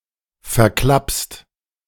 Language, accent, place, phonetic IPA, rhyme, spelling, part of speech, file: German, Germany, Berlin, [fɛɐ̯ˈklapst], -apst, verklappst, verb, De-verklappst.ogg
- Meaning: second-person singular present of verklappen